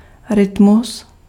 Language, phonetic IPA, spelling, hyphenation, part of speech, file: Czech, [ˈrɪtmus], rytmus, ry‧t‧mus, noun, Cs-rytmus.ogg
- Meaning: rhythm